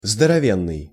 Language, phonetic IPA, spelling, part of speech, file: Russian, [zdərɐˈvʲenːɨj], здоровенный, adjective, Ru-здоровенный.ogg
- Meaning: 1. very strong, muscular (of a person) 2. huge, enormous